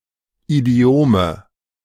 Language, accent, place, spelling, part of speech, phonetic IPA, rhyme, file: German, Germany, Berlin, Idiome, noun, [iˈdi̯oːmə], -oːmə, De-Idiome.ogg
- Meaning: nominative/accusative/genitive plural of Idiom